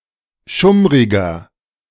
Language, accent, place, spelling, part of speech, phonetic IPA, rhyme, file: German, Germany, Berlin, schummriger, adjective, [ˈʃʊmʁɪɡɐ], -ʊmʁɪɡɐ, De-schummriger.ogg
- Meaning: inflection of schummrig: 1. strong/mixed nominative masculine singular 2. strong genitive/dative feminine singular 3. strong genitive plural